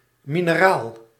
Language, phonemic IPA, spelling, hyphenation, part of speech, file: Dutch, /minəˈral/, mineraal, mi‧ne‧raal, noun / adjective, Nl-mineraal.ogg
- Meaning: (adjective) mineral